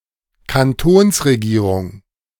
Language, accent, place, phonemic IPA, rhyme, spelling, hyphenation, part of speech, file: German, Germany, Berlin, /kanˈtoːnsʁeˌɡiːʁʊŋ/, -ʊŋ, Kantonsregierung, Kan‧tons‧re‧gie‧rung, noun, De-Kantonsregierung.ogg
- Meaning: Conseil d'État